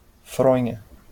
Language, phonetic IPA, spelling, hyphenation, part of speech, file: Portuguese, [ˈfɾõ.j̃ɐ], fronha, fro‧nha, noun, LL-Q5146 (por)-fronha.wav
- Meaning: 1. pillow case (sheet for covering a pillow) 2. face